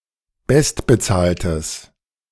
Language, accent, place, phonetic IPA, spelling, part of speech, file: German, Germany, Berlin, [ˈbɛstbəˌt͡saːltəs], bestbezahltes, adjective, De-bestbezahltes.ogg
- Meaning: strong/mixed nominative/accusative neuter singular of bestbezahlt